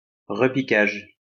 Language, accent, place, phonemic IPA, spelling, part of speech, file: French, France, Lyon, /ʁə.pi.kaʒ/, repiquage, noun, LL-Q150 (fra)-repiquage.wav
- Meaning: transplanting, planting out